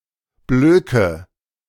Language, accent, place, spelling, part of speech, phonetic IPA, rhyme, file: German, Germany, Berlin, blöke, verb, [ˈbløːkə], -øːkə, De-blöke.ogg
- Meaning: inflection of blöken: 1. first-person singular present 2. first/third-person singular subjunctive I 3. singular imperative